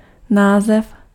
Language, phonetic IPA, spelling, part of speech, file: Czech, [ˈnaːzɛf], název, noun, Cs-název.ogg
- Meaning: 1. title (of a book or other media) 2. name (of a chemical element)